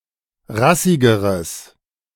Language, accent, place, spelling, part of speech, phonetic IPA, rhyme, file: German, Germany, Berlin, rassigeres, adjective, [ˈʁasɪɡəʁəs], -asɪɡəʁəs, De-rassigeres.ogg
- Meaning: strong/mixed nominative/accusative neuter singular comparative degree of rassig